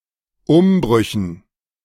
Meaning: dative plural of Umbruch
- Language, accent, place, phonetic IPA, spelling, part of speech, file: German, Germany, Berlin, [ˈʊmˌbʁʏçn̩], Umbrüchen, noun, De-Umbrüchen.ogg